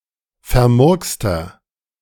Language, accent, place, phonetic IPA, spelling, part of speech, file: German, Germany, Berlin, [fɛɐ̯ˈmʊʁkstɐ], vermurkster, adjective, De-vermurkster.ogg
- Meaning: 1. comparative degree of vermurkst 2. inflection of vermurkst: strong/mixed nominative masculine singular 3. inflection of vermurkst: strong genitive/dative feminine singular